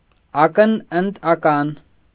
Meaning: eye for an eye
- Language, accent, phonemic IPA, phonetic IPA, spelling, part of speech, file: Armenian, Eastern Armenian, /ˈɑkən əntʰ ɑˈkɑn/, [ɑ́kən əntʰ ɑkɑ́n], ակն ընդ ական, phrase, Hy-ակն ընդ ական.ogg